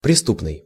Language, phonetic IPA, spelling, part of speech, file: Russian, [prʲɪˈstupnɨj], преступный, adjective, Ru-преступный.ogg
- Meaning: criminal, felonious